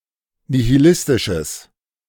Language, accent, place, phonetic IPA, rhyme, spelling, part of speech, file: German, Germany, Berlin, [nihiˈlɪstɪʃəs], -ɪstɪʃəs, nihilistisches, adjective, De-nihilistisches.ogg
- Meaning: strong/mixed nominative/accusative neuter singular of nihilistisch